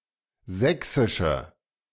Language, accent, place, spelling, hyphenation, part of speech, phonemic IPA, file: German, Germany, Berlin, sächsische, säch‧si‧sche, adjective, /ˈzɛksɪʃə/, De-sächsische.ogg
- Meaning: inflection of sächsisch: 1. strong/mixed nominative/accusative feminine singular 2. strong nominative/accusative plural 3. weak nominative all-gender singular